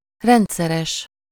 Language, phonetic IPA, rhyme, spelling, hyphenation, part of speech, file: Hungarian, [ˈrɛntsɛrɛʃ], -ɛʃ, rendszeres, rend‧sze‧res, adjective, Hu-rendszeres.ogg
- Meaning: regular